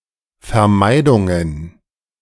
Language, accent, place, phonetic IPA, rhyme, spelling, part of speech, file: German, Germany, Berlin, [fɛɐ̯ˈmaɪ̯dʊŋən], -aɪ̯dʊŋən, Vermeidungen, noun, De-Vermeidungen.ogg
- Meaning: plural of Vermeidung